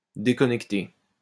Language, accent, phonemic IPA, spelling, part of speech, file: French, France, /de.kɔ.nɛk.te/, déconnecté, verb, LL-Q150 (fra)-déconnecté.wav
- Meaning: past participle of déconnecter